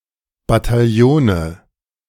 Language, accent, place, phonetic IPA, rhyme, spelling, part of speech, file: German, Germany, Berlin, [bataˈjoːnə], -oːnə, Bataillone, noun, De-Bataillone.ogg
- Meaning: nominative/accusative/genitive plural of Bataillon